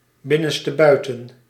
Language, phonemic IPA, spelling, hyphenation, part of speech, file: Dutch, /ˌbɪ.nə(n).stəˈbœy̯.tə(n)/, binnenstebuiten, bin‧nen‧ste‧bui‧ten, adverb, Nl-binnenstebuiten.ogg
- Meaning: inside out